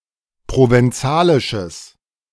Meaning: strong/mixed nominative/accusative neuter singular of provenzalisch
- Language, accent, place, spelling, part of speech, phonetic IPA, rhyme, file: German, Germany, Berlin, provenzalisches, adjective, [ˌpʁovɛnˈt͡saːlɪʃəs], -aːlɪʃəs, De-provenzalisches.ogg